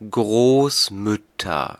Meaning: nominative/accusative/genitive plural of Großmutter
- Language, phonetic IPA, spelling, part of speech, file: German, [ˈɡʁoːsˌmʏtɐ], Großmütter, noun, De-Großmütter.ogg